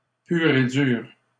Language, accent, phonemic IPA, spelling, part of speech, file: French, Canada, /pyʁ e dyʁ/, pur et dur, adjective, LL-Q150 (fra)-pur et dur.wav
- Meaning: 1. extreme, hard-line, uncompromising 2. archetypal, exemplary 3. pur et dur (being a hardliner of the Quebec independence movement)